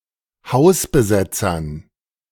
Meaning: dative plural of Hausbesetzer
- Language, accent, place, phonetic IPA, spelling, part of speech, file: German, Germany, Berlin, [ˈhaʊ̯sbəˌzɛt͡sɐn], Hausbesetzern, noun, De-Hausbesetzern.ogg